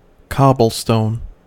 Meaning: 1. A rounded stone from a river bed, fit for use as ballast in ships and for paving roads 2. Cobblestones viewed as a building or paving material
- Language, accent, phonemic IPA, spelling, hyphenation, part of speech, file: English, US, /ˈkɑbl̩ˌstoʊn/, cobblestone, cob‧ble‧stone, noun, En-us-cobblestone.ogg